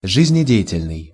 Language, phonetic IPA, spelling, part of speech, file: Russian, [ʐɨzʲnʲɪˈdʲe(j)ɪtʲɪlʲnɨj], жизнедеятельный, adjective, Ru-жизнедеятельный.ogg
- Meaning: 1. active, lively, energetic 2. vital